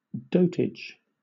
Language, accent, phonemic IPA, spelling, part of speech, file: English, Southern England, /ˈdəʊtɪdʒ/, dotage, noun, LL-Q1860 (eng)-dotage.wav
- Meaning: 1. Decline in judgment and other cognitive functions, associated with aging; senility 2. Fondness or attentiveness, especially to an excessive degree 3. Foolish utterance(s); drivel